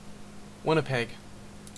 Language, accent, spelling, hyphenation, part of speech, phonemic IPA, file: English, Canada, Winnipeg, Win‧ni‧peg, proper noun, /ˈwɪn.əˌpɛɡ/, En-ca-Winnipeg.ogg
- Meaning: 1. The capital city of Manitoba, Canada 2. A large lake in Manitoba, Canada; in full, Lake Winnipeg